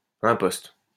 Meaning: transom
- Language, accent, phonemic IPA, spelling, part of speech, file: French, France, /ɛ̃.pɔst/, imposte, noun, LL-Q150 (fra)-imposte.wav